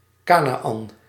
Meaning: Canaan
- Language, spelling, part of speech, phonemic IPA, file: Dutch, Kanaän, proper noun, /ˈkaː.naːˌɑn/, Nl-Kanaän.ogg